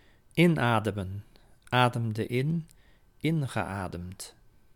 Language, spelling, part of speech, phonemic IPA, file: Dutch, inademen, verb, /ˈɪnadəmə(n)/, Nl-inademen.ogg
- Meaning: to breathe in, inhale